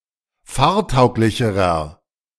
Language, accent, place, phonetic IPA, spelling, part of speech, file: German, Germany, Berlin, [ˈfaːɐ̯ˌtaʊ̯klɪçəʁɐ], fahrtauglicherer, adjective, De-fahrtauglicherer.ogg
- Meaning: inflection of fahrtauglich: 1. strong/mixed nominative masculine singular comparative degree 2. strong genitive/dative feminine singular comparative degree 3. strong genitive plural comparative degree